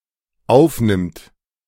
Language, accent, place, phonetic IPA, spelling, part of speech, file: German, Germany, Berlin, [ˈaʊ̯fˌnɪmt], aufnimmt, verb, De-aufnimmt.ogg
- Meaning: third-person singular dependent present of aufnehmen